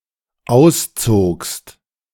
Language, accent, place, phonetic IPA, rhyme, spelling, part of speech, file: German, Germany, Berlin, [ˈaʊ̯sˌt͡soːkst], -aʊ̯st͡soːkst, auszogst, verb, De-auszogst.ogg
- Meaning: second-person singular dependent preterite of ausziehen